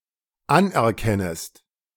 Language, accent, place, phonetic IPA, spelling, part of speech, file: German, Germany, Berlin, [ˈanʔɛɐ̯ˌkɛnəst], anerkennest, verb, De-anerkennest.ogg
- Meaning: second-person singular dependent subjunctive I of anerkennen